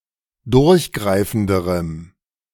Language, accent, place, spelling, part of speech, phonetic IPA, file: German, Germany, Berlin, durchgreifenderem, adjective, [ˈdʊʁçˌɡʁaɪ̯fn̩dəʁəm], De-durchgreifenderem.ogg
- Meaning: strong dative masculine/neuter singular comparative degree of durchgreifend